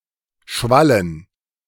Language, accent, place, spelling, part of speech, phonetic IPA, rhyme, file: German, Germany, Berlin, Schwallen, noun, [ˈʃvalən], -alən, De-Schwallen.ogg
- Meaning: dative plural of Schwall